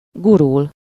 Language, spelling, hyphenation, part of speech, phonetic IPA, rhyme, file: Hungarian, gurul, gu‧rul, verb, [ˈɡurul], -ul, Hu-gurul.ogg
- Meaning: 1. to roll (to move by turning on an axis) 2. to taxi (of an aircraft: to move slowly on the ground)